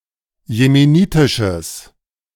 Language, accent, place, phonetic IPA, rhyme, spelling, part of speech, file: German, Germany, Berlin, [jemeˈniːtɪʃəs], -iːtɪʃəs, jemenitisches, adjective, De-jemenitisches.ogg
- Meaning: strong/mixed nominative/accusative neuter singular of jemenitisch